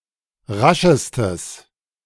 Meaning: strong/mixed nominative/accusative neuter singular superlative degree of rasch
- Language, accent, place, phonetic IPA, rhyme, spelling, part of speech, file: German, Germany, Berlin, [ˈʁaʃəstəs], -aʃəstəs, raschestes, adjective, De-raschestes.ogg